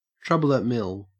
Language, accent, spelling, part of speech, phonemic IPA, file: English, Australia, trouble at mill, noun, /ˌtɹʊ.bə.ləʔˈmɪl/, En-au-trouble at mill.ogg
- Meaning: Problems outside the household, especially in the workplace